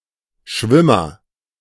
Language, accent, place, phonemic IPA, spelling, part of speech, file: German, Germany, Berlin, /ˈʃvɪmɐ/, Schwimmer, noun, De-Schwimmer.ogg
- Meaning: agent noun of schwimmen: 1. float 2. swimmer